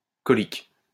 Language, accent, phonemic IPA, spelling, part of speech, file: French, France, /kɔ.lik/, cholique, adjective, LL-Q150 (fra)-cholique.wav
- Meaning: cholic